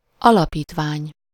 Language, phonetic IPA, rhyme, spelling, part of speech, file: Hungarian, [ˈɒlɒpiːtvaːɲ], -aːɲ, alapítvány, noun, Hu-alapítvány.ogg
- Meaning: foundation, endowment, fund, trust